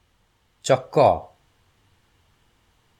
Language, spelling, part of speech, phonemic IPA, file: Odia, ଚକ, noun, /t͡ʃɔkɔ/, Or-ଚକ.flac
- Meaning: wheel